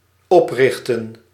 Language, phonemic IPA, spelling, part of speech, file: Dutch, /ˈɔprɪxtə(n)/, oprichten, verb, Nl-oprichten.ogg
- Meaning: 1. to rear, lift up 2. to establish, to found